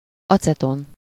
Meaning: acetone (a colourless, volatile, flammable liquid ketone, (CH₃)₂CO, used as a solvent)
- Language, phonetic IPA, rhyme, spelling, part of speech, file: Hungarian, [ˈɒt͡sɛton], -on, aceton, noun, Hu-aceton.ogg